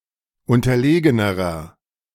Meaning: inflection of unterlegen: 1. strong/mixed nominative masculine singular comparative degree 2. strong genitive/dative feminine singular comparative degree 3. strong genitive plural comparative degree
- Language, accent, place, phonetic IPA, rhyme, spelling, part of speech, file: German, Germany, Berlin, [ˌʊntɐˈleːɡənəʁɐ], -eːɡənəʁɐ, unterlegenerer, adjective, De-unterlegenerer.ogg